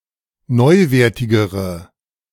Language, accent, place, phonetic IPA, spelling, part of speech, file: German, Germany, Berlin, [ˈnɔɪ̯ˌveːɐ̯tɪɡəʁə], neuwertigere, adjective, De-neuwertigere.ogg
- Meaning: inflection of neuwertig: 1. strong/mixed nominative/accusative feminine singular comparative degree 2. strong nominative/accusative plural comparative degree